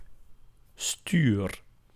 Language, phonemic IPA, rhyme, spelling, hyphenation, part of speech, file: Dutch, /styr/, -yr, stuur, stuur, noun / verb, Nl-stuur.ogg
- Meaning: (noun) 1. a steering device, notably a steering wheel in a vehicle or handlebars on a bicycle 2. (used absolutely, with the definite article: het stuur) Control 3. a tax, a levy